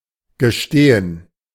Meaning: to confess, to admit (to a mistake, misdeed, something embarrassing); to make known
- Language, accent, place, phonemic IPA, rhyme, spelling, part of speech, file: German, Germany, Berlin, /ɡəˈʃteːən/, -eːən, gestehen, verb, De-gestehen.ogg